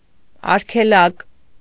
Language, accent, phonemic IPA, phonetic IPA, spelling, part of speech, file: Armenian, Eastern Armenian, /ɑɾkʰeˈlɑk/, [ɑɾkʰelɑ́k], արգելակ, noun, Hy-արգելակ.ogg
- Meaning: brake (device used to slow or stop a vehicle)